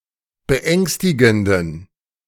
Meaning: inflection of beängstigend: 1. strong genitive masculine/neuter singular 2. weak/mixed genitive/dative all-gender singular 3. strong/weak/mixed accusative masculine singular 4. strong dative plural
- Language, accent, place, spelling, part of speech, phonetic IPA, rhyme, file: German, Germany, Berlin, beängstigenden, adjective, [bəˈʔɛŋstɪɡn̩dən], -ɛŋstɪɡn̩dən, De-beängstigenden.ogg